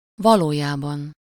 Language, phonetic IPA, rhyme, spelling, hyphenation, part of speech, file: Hungarian, [ˈvɒloːjaːbɒn], -ɒn, valójában, va‧ló‧já‧ban, adverb, Hu-valójában.ogg
- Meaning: really, in reality, in truth, actually, as a matter of fact